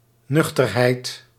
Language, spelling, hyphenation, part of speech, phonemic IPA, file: Dutch, nuchterheid, nuch‧ter‧heid, noun, /ˈnʏxtərˌhɛit/, Nl-nuchterheid.ogg
- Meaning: 1. soberness 2. level-headedness, prosaicness